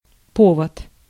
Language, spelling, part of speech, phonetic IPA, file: Russian, повод, noun, [ˈpovət], Ru-повод.ogg
- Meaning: 1. rein, bridle, bridle-rein 2. cause, ground, occasion